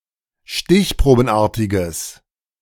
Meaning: strong/mixed nominative/accusative neuter singular of stichprobenartig
- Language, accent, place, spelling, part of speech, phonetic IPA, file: German, Germany, Berlin, stichprobenartiges, adjective, [ˈʃtɪçpʁoːbn̩ˌʔaːɐ̯tɪɡəs], De-stichprobenartiges.ogg